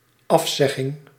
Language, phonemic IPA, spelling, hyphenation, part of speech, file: Dutch, /ˈɑfˌsɛ.ɣɪŋ/, afzegging, af‧zeg‧ging, noun, Nl-afzegging.ogg
- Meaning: cancellation